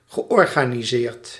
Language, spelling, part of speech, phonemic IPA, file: Dutch, georganiseerd, adjective / verb, /ɣəˌʔɔrɣaniˈzert/, Nl-georganiseerd.ogg
- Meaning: past participle of organiseren